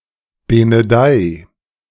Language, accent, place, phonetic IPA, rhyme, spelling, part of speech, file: German, Germany, Berlin, [ˌbenəˈdaɪ̯], -aɪ̯, benedei, verb, De-benedei.ogg
- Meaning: 1. singular imperative of benedeien 2. first-person singular present of benedeien